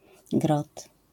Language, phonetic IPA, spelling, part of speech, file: Polish, [ɡrɔt], grot, noun, LL-Q809 (pol)-grot.wav